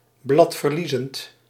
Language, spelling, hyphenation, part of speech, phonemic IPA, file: Dutch, bladverliezend, blad‧ver‧lie‧zend, adjective, /ˌblɑt.vərˈli.zənt/, Nl-bladverliezend.ogg
- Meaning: deciduous